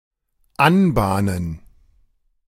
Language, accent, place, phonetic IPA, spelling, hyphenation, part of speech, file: German, Germany, Berlin, [ˈanˌbaːnən], anbahnen, an‧bah‧nen, verb, De-anbahnen.ogg
- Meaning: to be in the offing, to be imminent, to brew (to be likely to happen in the not-too-far future, based on present indicators)